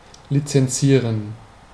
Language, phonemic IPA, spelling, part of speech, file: German, /litsɛnˈsiːrən/, lizenzieren, verb, De-lizenzieren.ogg
- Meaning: to license